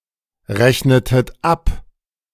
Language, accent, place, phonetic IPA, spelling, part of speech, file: German, Germany, Berlin, [ˌʁɛçnətət ˈap], rechnetet ab, verb, De-rechnetet ab.ogg
- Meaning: inflection of abrechnen: 1. second-person plural preterite 2. second-person plural subjunctive II